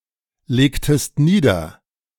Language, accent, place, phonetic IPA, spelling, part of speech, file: German, Germany, Berlin, [ˌleːktəst ˈniːdɐ], legtest nieder, verb, De-legtest nieder.ogg
- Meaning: inflection of niederlegen: 1. second-person singular preterite 2. second-person singular subjunctive II